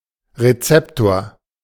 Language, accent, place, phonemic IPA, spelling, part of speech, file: German, Germany, Berlin, /ʁeˈt͡sɛptoːɐ̯/, Rezeptor, noun, De-Rezeptor.ogg
- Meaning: 1. receptor (protein) 2. receptor (cell)